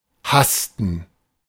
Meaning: to hurry, to rush (on foot, in an anxious or breathless haste)
- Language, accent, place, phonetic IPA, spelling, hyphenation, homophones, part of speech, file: German, Germany, Berlin, [ˈhastn̩], hasten, has‧ten, hassten, verb, De-hasten.ogg